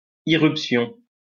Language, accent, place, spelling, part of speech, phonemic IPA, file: French, France, Lyon, irruption, noun, /i.ʁyp.sjɔ̃/, LL-Q150 (fra)-irruption.wav
- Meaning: 1. outbreak (an eruption, sudden appearance) 2. irruption